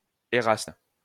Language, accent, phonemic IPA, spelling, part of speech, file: French, France, /e.ʁast/, éraste, noun, LL-Q150 (fra)-éraste.wav
- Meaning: erastes (adult man who loved or was in a pedagogic relationship with an adolescent boy)